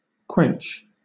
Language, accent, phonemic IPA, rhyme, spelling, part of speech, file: English, Southern England, /kwɛnt͡ʃ/, -ɛntʃ, quench, verb / noun, LL-Q1860 (eng)-quench.wav
- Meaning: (verb) 1. To satisfy, especially a literal or figurative thirst 2. To extinguish or put out (as a fire or light)